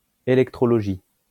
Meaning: electrology
- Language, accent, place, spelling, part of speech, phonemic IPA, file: French, France, Lyon, électrologie, noun, /e.lɛk.tʁɔ.lɔ.ʒi/, LL-Q150 (fra)-électrologie.wav